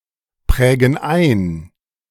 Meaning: inflection of einprägen: 1. first/third-person plural present 2. first/third-person plural subjunctive I
- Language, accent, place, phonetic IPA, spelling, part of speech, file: German, Germany, Berlin, [ˌpʁɛːɡn̩ ˈaɪ̯n], prägen ein, verb, De-prägen ein.ogg